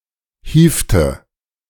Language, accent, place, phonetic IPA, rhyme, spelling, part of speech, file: German, Germany, Berlin, [ˈhiːftə], -iːftə, hievte, verb, De-hievte.ogg
- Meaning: inflection of hieven: 1. first/third-person singular preterite 2. first/third-person singular subjunctive II